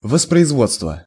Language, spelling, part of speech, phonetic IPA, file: Russian, воспроизводство, noun, [vəsprəɪzˈvot͡stvə], Ru-воспроизводство.ogg
- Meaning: 1. reproduction (the act of making copies) 2. procreation, reproduction (the process by which an organism produces others of its kind)